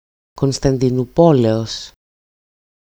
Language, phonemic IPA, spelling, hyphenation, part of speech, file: Greek, /kon.stan.di.nu.ˈpo.le.os/, Κωνσταντινουπόλεως, Κων‧στα‧ντι‧νου‧πό‧λεως, proper noun, EL-Κωνσταντινουπόλεως.ogg
- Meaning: 1. genitive singular of Κωνσταντινούπολη (Konstantinoúpoli) 2. genitive singular of Κωνσταντινούπολις (Konstantinoúpolis)